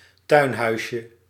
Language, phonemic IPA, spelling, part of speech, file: Dutch, /ˈtœynhœyʃə/, tuinhuisje, noun, Nl-tuinhuisje.ogg
- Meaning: diminutive of tuinhuis